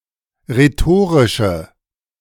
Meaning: Inflected form of rhetorisch
- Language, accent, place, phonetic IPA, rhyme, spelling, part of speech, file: German, Germany, Berlin, [ʁeˈtoːʁɪʃə], -oːʁɪʃə, rhetorische, adjective, De-rhetorische.ogg